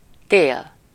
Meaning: winter
- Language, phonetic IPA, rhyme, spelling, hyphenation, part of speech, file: Hungarian, [ˈteːl], -eːl, tél, tél, noun, Hu-tél.ogg